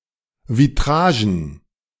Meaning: plural of Vitrage
- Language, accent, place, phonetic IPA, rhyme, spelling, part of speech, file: German, Germany, Berlin, [viˈtʁaːʒn̩], -aːʒn̩, Vitragen, noun, De-Vitragen.ogg